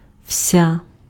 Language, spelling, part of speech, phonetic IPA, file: Ukrainian, вся, determiner, [ʍsʲa], Uk-вся.ogg
- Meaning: nominative/vocative feminine singular of весь (vesʹ)